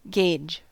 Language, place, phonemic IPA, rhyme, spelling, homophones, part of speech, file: English, California, /ˈɡeɪd͡ʒ/, -eɪdʒ, gauge, gage, noun / verb, En-us-gauge.ogg
- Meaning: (noun) 1. A measure; a standard of measure; an instrument to determine dimensions, distance, or capacity; a standard 2. An act of measuring 3. An estimate